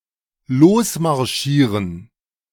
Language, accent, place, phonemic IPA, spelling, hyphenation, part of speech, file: German, Germany, Berlin, /ˈloːsmaʁˌʃiːʁən/, losmarschieren, los‧mar‧schie‧ren, verb, De-losmarschieren.ogg
- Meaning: to march off